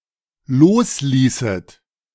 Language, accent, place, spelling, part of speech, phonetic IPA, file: German, Germany, Berlin, losließet, verb, [ˈloːsˌliːsət], De-losließet.ogg
- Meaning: second-person plural dependent subjunctive II of loslassen